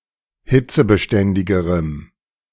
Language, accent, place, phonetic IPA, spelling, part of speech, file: German, Germany, Berlin, [ˈhɪt͡səbəˌʃtɛndɪɡəʁəm], hitzebeständigerem, adjective, De-hitzebeständigerem.ogg
- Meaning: strong dative masculine/neuter singular comparative degree of hitzebeständig